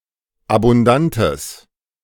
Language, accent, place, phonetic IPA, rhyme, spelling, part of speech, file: German, Germany, Berlin, [abʊnˈdantəs], -antəs, abundantes, adjective, De-abundantes.ogg
- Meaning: strong/mixed nominative/accusative neuter singular of abundant